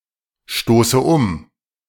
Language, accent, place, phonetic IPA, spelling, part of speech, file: German, Germany, Berlin, [ˌʃtoːsə ˈʊm], stoße um, verb, De-stoße um.ogg
- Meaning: inflection of umstoßen: 1. first-person singular present 2. first/third-person singular subjunctive I 3. singular imperative